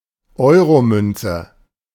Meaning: euro coin
- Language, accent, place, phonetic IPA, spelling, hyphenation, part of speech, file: German, Germany, Berlin, [ˈɔɪ̯ʁoˌmʏnt͡sə], Euromünze, Eu‧ro‧mün‧ze, noun, De-Euromünze.ogg